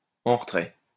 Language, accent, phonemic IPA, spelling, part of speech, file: French, France, /ɑ̃ ʁə.tʁɛ/, en retrait, adverb, LL-Q150 (fra)-en retrait.wav
- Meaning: 1. quiet, reserved, withdrawn, in the background 2. indented